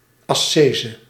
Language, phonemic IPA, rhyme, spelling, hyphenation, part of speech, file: Dutch, /ɑˈseː.zə/, -eːzə, ascese, as‧ce‧se, noun, Nl-ascese.ogg
- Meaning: asceticism